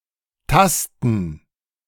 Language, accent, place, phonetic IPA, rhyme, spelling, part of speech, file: German, Germany, Berlin, [ˈtastn̩], -astn̩, Tasten, noun, De-Tasten.ogg
- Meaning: 1. gerund of tasten 2. plural of Taste